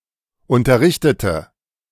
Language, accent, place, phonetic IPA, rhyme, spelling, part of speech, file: German, Germany, Berlin, [ˌʊntɐˈʁɪçtətə], -ɪçtətə, unterrichtete, adjective / verb, De-unterrichtete.ogg
- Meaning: inflection of unterrichten: 1. first/third-person singular preterite 2. first/third-person singular subjunctive II